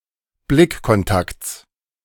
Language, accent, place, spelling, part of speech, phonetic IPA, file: German, Germany, Berlin, Blickkontakts, noun, [ˈblɪkkɔnˌtakt͡s], De-Blickkontakts.ogg
- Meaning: genitive singular of Blickkontakt